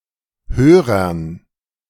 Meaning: dative plural of Hörer
- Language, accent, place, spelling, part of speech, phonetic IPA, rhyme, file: German, Germany, Berlin, Hörern, noun, [ˈhøːʁɐn], -øːʁɐn, De-Hörern.ogg